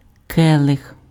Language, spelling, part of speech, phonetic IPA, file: Ukrainian, келих, noun, [ˈkɛɫex], Uk-келих.ogg
- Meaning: wine glass